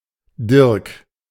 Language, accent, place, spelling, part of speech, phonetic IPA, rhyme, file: German, Germany, Berlin, Dirk, noun / proper noun, [dɪʁk], -ɪʁk, De-Dirk.ogg
- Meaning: a male given name from Low German, variant of Dietrich, equivalent to English Derek